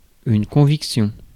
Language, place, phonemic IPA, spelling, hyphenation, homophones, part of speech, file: French, Paris, /kɔ̃.vik.sjɔ̃/, conviction, con‧vic‧tion, convictions, noun, Fr-conviction.ogg
- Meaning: conviction